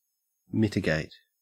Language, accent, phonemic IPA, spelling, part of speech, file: English, Australia, /ˈmɪt.ɪ.ɡeɪt/, mitigate, verb, En-au-mitigate.ogg
- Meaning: 1. To reduce, lessen, or decrease and thereby to make less severe or easier to bear 2. To downplay 3. To give force or effect toward preventing a problem